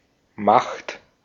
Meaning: 1. power, authority 2. might, strength
- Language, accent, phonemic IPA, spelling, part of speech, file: German, Austria, /maχt/, Macht, noun, De-at-Macht.ogg